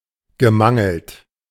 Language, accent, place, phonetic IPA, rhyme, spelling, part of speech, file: German, Germany, Berlin, [ɡəˈmaŋl̩t], -aŋl̩t, gemangelt, verb, De-gemangelt.ogg
- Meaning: past participle of mangeln